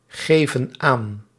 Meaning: inflection of aangeven: 1. plural present indicative 2. plural present subjunctive
- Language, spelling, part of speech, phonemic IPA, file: Dutch, geven aan, verb, /ˈɣevə(n) ˈan/, Nl-geven aan.ogg